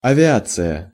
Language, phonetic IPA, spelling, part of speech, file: Russian, [ɐvʲɪˈat͡sɨjə], авиация, noun, Ru-авиация.ogg
- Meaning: 1. aviation 2. air force 3. aircraft